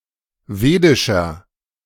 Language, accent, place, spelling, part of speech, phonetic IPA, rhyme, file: German, Germany, Berlin, wedischer, adjective, [ˈveːdɪʃɐ], -eːdɪʃɐ, De-wedischer.ogg
- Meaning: inflection of wedisch: 1. strong/mixed nominative masculine singular 2. strong genitive/dative feminine singular 3. strong genitive plural